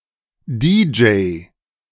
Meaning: DJ, disc jockey
- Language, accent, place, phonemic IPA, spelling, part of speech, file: German, Germany, Berlin, /ˈdiːd͡ʒɛɪ̯/, DJ, noun, De-DJ.ogg